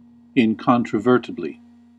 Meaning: In an incontrovertible manner; in a manner not capable of being denied, challenged, or disputed
- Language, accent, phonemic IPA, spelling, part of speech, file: English, US, /ˌɪnˌkɑn.tɹəˈvɝ.tə.bli/, incontrovertibly, adverb, En-us-incontrovertibly.ogg